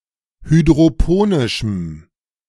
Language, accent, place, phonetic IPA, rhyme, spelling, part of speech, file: German, Germany, Berlin, [hydʁoˈpoːnɪʃm̩], -oːnɪʃm̩, hydroponischem, adjective, De-hydroponischem.ogg
- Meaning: strong dative masculine/neuter singular of hydroponisch